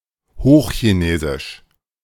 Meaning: Standard Chinese; Standard Mandarin
- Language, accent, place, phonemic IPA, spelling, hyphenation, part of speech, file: German, Germany, Berlin, /hoːxçiˈneːzɪʃ/, Hochchinesisch, Hoch‧chi‧ne‧sisch, proper noun, De-Hochchinesisch.ogg